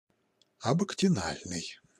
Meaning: abactinal (on the side opposite to the mouth in animals with radial symmetry)
- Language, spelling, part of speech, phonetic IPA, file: Russian, абактинальный, adjective, [ɐbəktʲɪˈnalʲnɨj], Ru-абактинальный.ogg